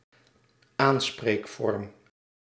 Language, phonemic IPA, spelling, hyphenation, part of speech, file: Dutch, /ˈaːn.spreːkˌfɔrm/, aanspreekvorm, aan‧spreek‧vorm, noun, Nl-aanspreekvorm.ogg
- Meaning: style of address, title of address